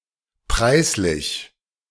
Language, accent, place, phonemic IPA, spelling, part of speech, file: German, Germany, Berlin, /ˈpʁaɪ̯sˌlɪç/, preislich, adjective, De-preislich.ogg
- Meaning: 1. price 2. praiseworthy